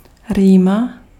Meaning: 1. runny nose, rhinorrhea (medicine) 2. common cold
- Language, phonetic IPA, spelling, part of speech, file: Czech, [ˈriːma], rýma, noun, Cs-rýma.ogg